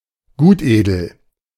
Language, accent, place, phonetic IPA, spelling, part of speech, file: German, Germany, Berlin, [ˈɡuːtˌʔeːdl̩], Gutedel, proper noun, De-Gutedel.ogg
- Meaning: 1. Chasselas (a variety of wine grape, grown in Switzerland, France, Germany, Portugal, Hungary, Romania and New Zealand) 2. Chasselas (a wine made from these grapes)